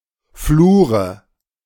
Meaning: nominative/accusative/genitive plural of Flur
- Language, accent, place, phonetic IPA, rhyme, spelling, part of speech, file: German, Germany, Berlin, [ˈfluːʁə], -uːʁə, Flure, noun, De-Flure.ogg